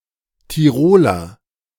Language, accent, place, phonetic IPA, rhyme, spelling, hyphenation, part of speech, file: German, Germany, Berlin, [tiˈʁoːlɐ], -oːlɐ, Tiroler, Ti‧ro‧ler, noun / adjective, De-Tiroler.ogg
- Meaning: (noun) Tyrolean (native or inhabitant of Tyrol); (adjective) of Tyrol